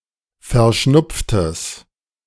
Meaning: strong/mixed nominative/accusative neuter singular of verschnupft
- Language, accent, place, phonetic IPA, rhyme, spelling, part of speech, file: German, Germany, Berlin, [fɛɐ̯ˈʃnʊp͡ftəs], -ʊp͡ftəs, verschnupftes, adjective, De-verschnupftes.ogg